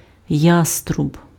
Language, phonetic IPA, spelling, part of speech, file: Ukrainian, [ˈjastrʊb], яструб, noun, Uk-яструб.ogg
- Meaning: hawk